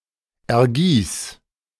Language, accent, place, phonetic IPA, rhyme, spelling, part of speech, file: German, Germany, Berlin, [ɛɐ̯ˈɡiːs], -iːs, ergieß, verb, De-ergieß.ogg
- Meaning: singular imperative of ergießen